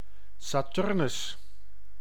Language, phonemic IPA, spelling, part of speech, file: Dutch, /saːˈtʏr.nʏs/, Saturnus, proper noun, Nl-Saturnus.ogg
- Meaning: 1. the Roman god Saturn 2. Saturn, the sixth planet from Earth's Sun